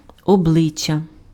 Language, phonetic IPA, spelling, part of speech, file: Ukrainian, [ɔˈbɫɪt͡ʃʲːɐ], обличчя, noun, Uk-обличчя.ogg
- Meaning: 1. face 2. character